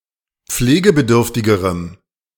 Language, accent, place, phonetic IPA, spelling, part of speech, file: German, Germany, Berlin, [ˈp͡fleːɡəbəˌdʏʁftɪɡəʁəm], pflegebedürftigerem, adjective, De-pflegebedürftigerem.ogg
- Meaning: strong dative masculine/neuter singular comparative degree of pflegebedürftig